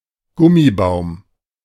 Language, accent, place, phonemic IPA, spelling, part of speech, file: German, Germany, Berlin, /ˈɡʊmiˌbaʊ̯m/, Gummibaum, noun, De-Gummibaum.ogg
- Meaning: rubber fig, rubber tree, rubber plant (Ficus elastica)